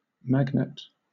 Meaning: 1. A piece of material that attracts some metals by magnetism 2. An alluring or attractive person or thing 3. Ellipsis of magnet link
- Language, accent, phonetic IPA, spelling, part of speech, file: English, Southern England, [ˈmæɡ.nət̚], magnet, noun, LL-Q1860 (eng)-magnet.wav